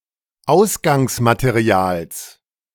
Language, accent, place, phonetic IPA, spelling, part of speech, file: German, Germany, Berlin, [ˈaʊ̯sɡaŋsmateˌʁi̯aːls], Ausgangsmaterials, noun, De-Ausgangsmaterials.ogg
- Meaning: genitive singular of Ausgangsmaterial